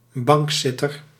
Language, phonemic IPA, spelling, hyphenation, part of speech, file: Dutch, /ˈbɑŋkˌsɪ.tər/, bankzitter, bank‧zit‧ter, noun, Nl-bankzitter.ogg
- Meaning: 1. a benched player 2. someone sitting on a bench, pew or (Netherlands) couch